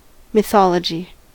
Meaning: 1. The collection of myths of a people, concerning the origin of the people, history, deities, ancestors and heroes 2. A similar body of myths concerning an event, person or institution
- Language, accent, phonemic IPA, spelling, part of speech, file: English, US, /mɪˈθɑ.lə.d͡ʒi/, mythology, noun, En-us-mythology.ogg